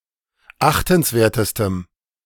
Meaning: strong dative masculine/neuter singular superlative degree of achtenswert
- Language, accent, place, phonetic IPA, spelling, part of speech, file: German, Germany, Berlin, [ˈaxtn̩sˌveːɐ̯təstəm], achtenswertestem, adjective, De-achtenswertestem.ogg